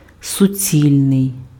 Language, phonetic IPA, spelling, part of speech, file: Ukrainian, [sʊˈt͡sʲilʲnei̯], суцільний, adjective, Uk-суцільний.ogg
- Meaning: 1. solid, integral, entire, all-in-one 2. continuous 3. complete, sheer, absolute, pure